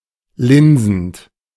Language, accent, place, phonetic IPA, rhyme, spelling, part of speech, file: German, Germany, Berlin, [ˈlɪnzn̩t], -ɪnzn̩t, linsend, verb, De-linsend.ogg
- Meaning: present participle of linsen